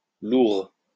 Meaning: loure
- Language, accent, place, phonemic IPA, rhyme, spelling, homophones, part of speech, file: French, France, Lyon, /luʁ/, -uʁ, loure, lourd / lourds, noun, LL-Q150 (fra)-loure.wav